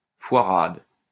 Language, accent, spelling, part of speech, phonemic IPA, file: French, France, foirade, noun, /fwa.ʁad/, LL-Q150 (fra)-foirade.wav
- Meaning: screwup